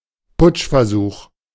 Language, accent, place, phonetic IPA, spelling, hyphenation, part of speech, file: German, Germany, Berlin, [ˈpʊt͡ʃfɛɐ̯ˌzuːx], Putschversuch, Putsch‧ver‧such, noun, De-Putschversuch.ogg
- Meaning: attempted coup